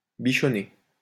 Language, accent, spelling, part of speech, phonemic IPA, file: French, France, bichonner, verb, /bi.ʃɔ.ne/, LL-Q150 (fra)-bichonner.wav
- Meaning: 1. to attend to a person's appearance and clothing; groom, titivate 2. to groom oneself, primp